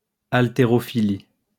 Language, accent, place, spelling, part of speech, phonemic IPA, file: French, France, Lyon, haltérophilie, noun, /al.te.ʁɔ.fi.li/, LL-Q150 (fra)-haltérophilie.wav
- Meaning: weightlifting